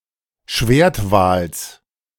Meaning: genitive of Schwertwal
- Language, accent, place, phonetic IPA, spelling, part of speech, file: German, Germany, Berlin, [ˈʃveːɐ̯tˌvaːls], Schwertwals, noun, De-Schwertwals.ogg